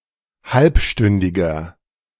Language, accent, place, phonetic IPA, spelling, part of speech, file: German, Germany, Berlin, [ˈhalpˌʃtʏndɪɡɐ], halbstündiger, adjective, De-halbstündiger.ogg
- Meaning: inflection of halbstündig: 1. strong/mixed nominative masculine singular 2. strong genitive/dative feminine singular 3. strong genitive plural